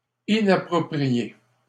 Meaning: inappropriate, unsuitable
- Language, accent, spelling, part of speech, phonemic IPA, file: French, Canada, inapproprié, adjective, /i.na.pʁɔ.pʁi.je/, LL-Q150 (fra)-inapproprié.wav